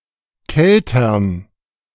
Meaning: plural of Kelter
- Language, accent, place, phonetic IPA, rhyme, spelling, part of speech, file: German, Germany, Berlin, [ˈkɛltɐn], -ɛltɐn, Keltern, noun, De-Keltern.ogg